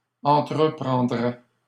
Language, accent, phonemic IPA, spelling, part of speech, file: French, Canada, /ɑ̃.tʁə.pʁɑ̃.dʁɛ/, entreprendraient, verb, LL-Q150 (fra)-entreprendraient.wav
- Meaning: third-person plural conditional of entreprendre